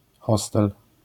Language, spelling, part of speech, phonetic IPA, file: Polish, hostel, noun, [ˈxɔstɛl], LL-Q809 (pol)-hostel.wav